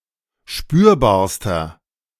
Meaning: inflection of spürbar: 1. strong/mixed nominative masculine singular superlative degree 2. strong genitive/dative feminine singular superlative degree 3. strong genitive plural superlative degree
- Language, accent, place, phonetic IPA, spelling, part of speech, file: German, Germany, Berlin, [ˈʃpyːɐ̯baːɐ̯stɐ], spürbarster, adjective, De-spürbarster.ogg